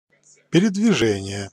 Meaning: movement, conveyance
- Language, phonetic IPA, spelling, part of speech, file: Russian, [pʲɪrʲɪdvʲɪˈʐɛnʲɪje], передвижение, noun, Ru-передвижение.ogg